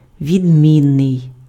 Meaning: 1. different, dissimilar, distinct (from: від (vid)) 2. excellent
- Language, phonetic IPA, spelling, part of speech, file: Ukrainian, [ʋʲidʲˈmʲinːei̯], відмінний, adjective, Uk-відмінний.ogg